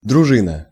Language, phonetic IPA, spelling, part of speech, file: Russian, [drʊˈʐɨnə], дружина, noun, Ru-дружина.ogg
- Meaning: 1. bodyguard, retinue 2. militia 3. troop, brigade